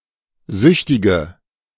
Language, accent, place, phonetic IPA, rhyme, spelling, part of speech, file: German, Germany, Berlin, [ˈzʏçtɪɡə], -ʏçtɪɡə, süchtige, adjective, De-süchtige.ogg
- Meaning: inflection of süchtig: 1. strong/mixed nominative/accusative feminine singular 2. strong nominative/accusative plural 3. weak nominative all-gender singular 4. weak accusative feminine/neuter singular